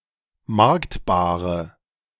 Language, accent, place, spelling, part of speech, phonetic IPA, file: German, Germany, Berlin, marktbare, adjective, [ˈmaʁktbaːʁə], De-marktbare.ogg
- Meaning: inflection of marktbar: 1. strong/mixed nominative/accusative feminine singular 2. strong nominative/accusative plural 3. weak nominative all-gender singular